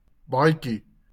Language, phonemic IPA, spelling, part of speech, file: Afrikaans, /ˈbɑːɪ̯ki/, baadjie, noun, LL-Q14196 (afr)-baadjie.wav
- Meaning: jacket